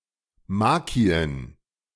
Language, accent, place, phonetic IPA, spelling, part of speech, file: German, Germany, Berlin, [ˈmaki̯ən], Macchien, noun, De-Macchien.ogg
- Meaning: plural of Macchie